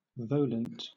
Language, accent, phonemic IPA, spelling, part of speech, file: English, Southern England, /ˈvəʊlənt/, volant, adjective, LL-Q1860 (eng)-volant.wav
- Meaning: 1. Having extended wings as if flying 2. Represented as unsupported in the air 3. Flying, or able to fly 4. Moving quickly or lightly, as though flying; nimble